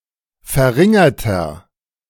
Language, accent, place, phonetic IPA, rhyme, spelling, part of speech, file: German, Germany, Berlin, [fɛɐ̯ˈʁɪŋɐtɐ], -ɪŋɐtɐ, verringerter, adjective, De-verringerter.ogg
- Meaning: inflection of verringert: 1. strong/mixed nominative masculine singular 2. strong genitive/dative feminine singular 3. strong genitive plural